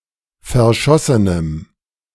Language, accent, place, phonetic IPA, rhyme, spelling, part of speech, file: German, Germany, Berlin, [fɛɐ̯ˈʃɔsənəm], -ɔsənəm, verschossenem, adjective, De-verschossenem.ogg
- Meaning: strong dative masculine/neuter singular of verschossen